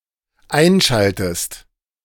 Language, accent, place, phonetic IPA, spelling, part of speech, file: German, Germany, Berlin, [ˈaɪ̯nˌʃaltəst], einschaltest, verb, De-einschaltest.ogg
- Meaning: inflection of einschalten: 1. second-person singular dependent present 2. second-person singular dependent subjunctive I